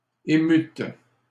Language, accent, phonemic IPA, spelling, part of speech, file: French, Canada, /e.myt/, émûtes, verb, LL-Q150 (fra)-émûtes.wav
- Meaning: second-person plural past historic of émouvoir